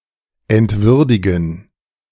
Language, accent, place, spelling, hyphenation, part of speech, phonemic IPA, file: German, Germany, Berlin, entwürdigen, ent‧wür‧di‧gen, verb, /ɛntˈvʏʁdɪɡən/, De-entwürdigen.ogg
- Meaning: to debase/degrade